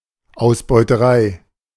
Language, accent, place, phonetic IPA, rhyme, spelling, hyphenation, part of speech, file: German, Germany, Berlin, [ˌaʊ̯sbɔɪ̯təˈʀaɪ̯], -aɪ̯, Ausbeuterei, Aus‧beu‧te‧rei, noun, De-Ausbeuterei.ogg
- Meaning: exploitation